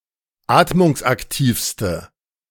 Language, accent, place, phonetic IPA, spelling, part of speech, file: German, Germany, Berlin, [ˈaːtmʊŋsʔakˌtiːfstə], atmungsaktivste, adjective, De-atmungsaktivste.ogg
- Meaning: inflection of atmungsaktiv: 1. strong/mixed nominative/accusative feminine singular superlative degree 2. strong nominative/accusative plural superlative degree